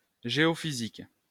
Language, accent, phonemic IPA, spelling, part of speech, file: French, France, /ʒe.ɔ.fi.zik/, géophysique, noun / adjective, LL-Q150 (fra)-géophysique.wav
- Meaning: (noun) geophysics; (adjective) geophysical